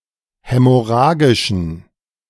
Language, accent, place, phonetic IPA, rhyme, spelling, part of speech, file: German, Germany, Berlin, [ˌhɛmɔˈʁaːɡɪʃn̩], -aːɡɪʃn̩, hämorrhagischen, adjective, De-hämorrhagischen.ogg
- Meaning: inflection of hämorrhagisch: 1. strong genitive masculine/neuter singular 2. weak/mixed genitive/dative all-gender singular 3. strong/weak/mixed accusative masculine singular 4. strong dative plural